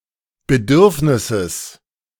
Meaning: genitive singular of Bedürfnis
- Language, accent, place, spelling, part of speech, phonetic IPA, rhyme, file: German, Germany, Berlin, Bedürfnisses, noun, [bəˈdʏʁfnɪsəs], -ʏʁfnɪsəs, De-Bedürfnisses.ogg